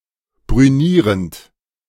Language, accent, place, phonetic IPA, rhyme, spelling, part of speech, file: German, Germany, Berlin, [bʁyˈniːʁənt], -iːʁənt, brünierend, verb, De-brünierend.ogg
- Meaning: present participle of brünieren